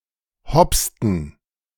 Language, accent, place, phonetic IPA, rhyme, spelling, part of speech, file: German, Germany, Berlin, [ˈhɔpstn̩], -ɔpstn̩, hopsten, verb, De-hopsten.ogg
- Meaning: inflection of hopsen: 1. first/third-person plural preterite 2. first/third-person plural subjunctive II